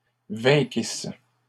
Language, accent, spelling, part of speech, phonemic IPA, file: French, Canada, vainquissent, verb, /vɛ̃.kis/, LL-Q150 (fra)-vainquissent.wav
- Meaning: third-person plural imperfect subjunctive of vaincre